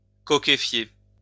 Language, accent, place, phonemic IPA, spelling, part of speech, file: French, France, Lyon, /kɔ.ke.fje/, cokéfier, verb, LL-Q150 (fra)-cokéfier.wav
- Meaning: to cokefy, transform into coke